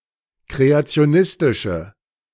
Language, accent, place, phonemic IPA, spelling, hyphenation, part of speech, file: German, Germany, Berlin, /ˌkʁeat͡si̯oˈnɪstɪʃə/, kreationistische, kre‧a‧ti‧o‧nis‧ti‧sche, adjective, De-kreationistische.ogg
- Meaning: inflection of kreationistisch: 1. strong/mixed nominative/accusative feminine singular 2. strong nominative/accusative plural 3. weak nominative all-gender singular